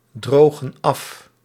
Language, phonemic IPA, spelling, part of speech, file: Dutch, /ˈdroɣə(n) ˈɑf/, drogen af, verb, Nl-drogen af.ogg
- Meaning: inflection of afdrogen: 1. plural present indicative 2. plural present subjunctive